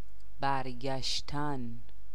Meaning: to return, to come back
- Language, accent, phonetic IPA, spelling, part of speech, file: Persian, Iran, [bæɹ ɡʲæʃ.t̪ʰǽn], برگشتن, verb, Fa-برگشتن.ogg